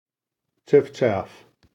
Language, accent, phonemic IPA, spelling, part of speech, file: English, US, /ˈt͡ʃɪf.t͡ʃæf/, chiffchaff, noun / interjection, En-us-chiffchaff.ogg
- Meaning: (noun) A small, common warbler, of species Phylloscopus collybita, with yellowish-green plumage that breeds throughout northern and temperate Europe and Asia